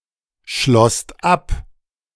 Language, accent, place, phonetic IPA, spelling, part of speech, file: German, Germany, Berlin, [ˌʃlɔst ˈap], schlosst ab, verb, De-schlosst ab.ogg
- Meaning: second-person singular/plural preterite of abschließen